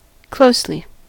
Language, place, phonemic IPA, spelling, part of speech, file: English, California, /ˈkloʊsli/, closely, adverb, En-us-closely.ogg
- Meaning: 1. In a close manner 2. secretly; privately